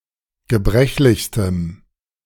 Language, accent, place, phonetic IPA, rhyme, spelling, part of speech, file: German, Germany, Berlin, [ɡəˈbʁɛçlɪçstəm], -ɛçlɪçstəm, gebrechlichstem, adjective, De-gebrechlichstem.ogg
- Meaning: strong dative masculine/neuter singular superlative degree of gebrechlich